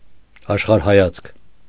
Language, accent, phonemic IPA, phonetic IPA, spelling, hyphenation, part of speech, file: Armenian, Eastern Armenian, /ɑʃχɑɾhɑˈjɑt͡sʰkʰ/, [ɑʃχɑɾhɑjɑ́t͡sʰkʰ], աշխարհայացք, աշ‧խար‧հա‧յացք, noun, Hy-աշխարհայացք.ogg
- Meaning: worldview